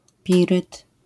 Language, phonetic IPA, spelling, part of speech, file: Polish, [ˈpʲirɨt], piryt, noun, LL-Q809 (pol)-piryt.wav